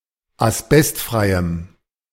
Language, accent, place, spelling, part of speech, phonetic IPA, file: German, Germany, Berlin, asbestfreiem, adjective, [asˈbɛstˌfʁaɪ̯əm], De-asbestfreiem.ogg
- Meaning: strong dative masculine/neuter singular of asbestfrei